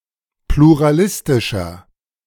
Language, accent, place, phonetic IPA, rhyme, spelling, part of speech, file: German, Germany, Berlin, [pluʁaˈlɪstɪʃɐ], -ɪstɪʃɐ, pluralistischer, adjective, De-pluralistischer.ogg
- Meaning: 1. comparative degree of pluralistisch 2. inflection of pluralistisch: strong/mixed nominative masculine singular 3. inflection of pluralistisch: strong genitive/dative feminine singular